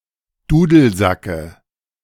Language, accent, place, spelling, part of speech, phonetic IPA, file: German, Germany, Berlin, Dudelsacke, noun, [ˈduːdl̩ˌzakə], De-Dudelsacke.ogg
- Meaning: dative singular of Dudelsack